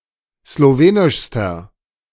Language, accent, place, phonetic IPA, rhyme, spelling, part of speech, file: German, Germany, Berlin, [sloˈveːnɪʃstɐ], -eːnɪʃstɐ, slowenischster, adjective, De-slowenischster.ogg
- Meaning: inflection of slowenisch: 1. strong/mixed nominative masculine singular superlative degree 2. strong genitive/dative feminine singular superlative degree 3. strong genitive plural superlative degree